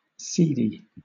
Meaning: Literal senses: 1. Containing or full of seeds 2. Seedlike; having the flavour of seeds
- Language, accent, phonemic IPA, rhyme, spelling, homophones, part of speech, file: English, Southern England, /ˈsiːdi/, -iːdi, seedy, cedi, adjective, LL-Q1860 (eng)-seedy.wav